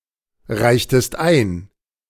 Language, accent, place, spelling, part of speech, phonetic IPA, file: German, Germany, Berlin, reichtest ein, verb, [ˌʁaɪ̯çtəst ˈaɪ̯n], De-reichtest ein.ogg
- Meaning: inflection of einreichen: 1. second-person singular preterite 2. second-person singular subjunctive II